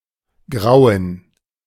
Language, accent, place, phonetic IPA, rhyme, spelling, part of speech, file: German, Germany, Berlin, [ˈɡʁaʊ̯ən], -aʊ̯ən, Grauen, noun, De-Grauen.ogg
- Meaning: gerund of grauen; horror